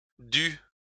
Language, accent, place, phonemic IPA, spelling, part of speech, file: French, France, Lyon, /dy/, dû, noun / verb, LL-Q150 (fra)-dû.wav
- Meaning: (noun) what is owed, what is due, money's worth; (verb) past participle of devoir